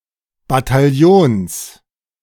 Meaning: genitive singular of Bataillon
- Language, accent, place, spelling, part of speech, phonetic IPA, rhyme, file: German, Germany, Berlin, Bataillons, noun, [bataˈjoːns], -oːns, De-Bataillons.ogg